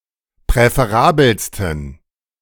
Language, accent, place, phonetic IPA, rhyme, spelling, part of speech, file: German, Germany, Berlin, [pʁɛfeˈʁaːbl̩stn̩], -aːbl̩stn̩, präferabelsten, adjective, De-präferabelsten.ogg
- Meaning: 1. superlative degree of präferabel 2. inflection of präferabel: strong genitive masculine/neuter singular superlative degree